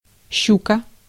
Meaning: 1. pike (any freshwater fish of the genus Esox, a relatively large, predatory fish) 2. KSShch (Soviet anti-ship cruise missile)
- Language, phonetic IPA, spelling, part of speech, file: Russian, [ˈɕːukə], щука, noun, Ru-щука.ogg